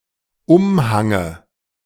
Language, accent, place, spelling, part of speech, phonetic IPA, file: German, Germany, Berlin, Umhange, noun, [ˈʊmˌhaŋə], De-Umhange.ogg
- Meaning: dative of Umhang